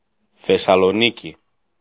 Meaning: Thessaloniki (a port city, the capital of Central Macedonia, in northern Greece)
- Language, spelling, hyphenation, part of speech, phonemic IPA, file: Greek, Θεσσαλονίκη, Θεσ‧σα‧λο‧νί‧κη, proper noun, /θe.sa.loˈni.ci/, El-Θεσσαλονίκη.ogg